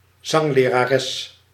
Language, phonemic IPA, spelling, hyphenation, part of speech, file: Dutch, /ˈzɑŋ.leː.raːˌrɛs/, zanglerares, zang‧le‧ra‧res, noun, Nl-zanglerares.ogg
- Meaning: a female singing coach, a female singing instructor